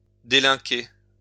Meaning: to commit a crime
- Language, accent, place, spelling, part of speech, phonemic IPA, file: French, France, Lyon, délinquer, verb, /de.lɛ̃.ke/, LL-Q150 (fra)-délinquer.wav